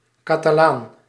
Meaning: Catalan, Catalonian (native or inhabitant of Catalonia) (usually male)
- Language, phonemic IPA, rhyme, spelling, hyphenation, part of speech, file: Dutch, /ˌkaː.taːˈlaːn/, -aːn, Catalaan, Ca‧ta‧laan, noun, Nl-Catalaan.ogg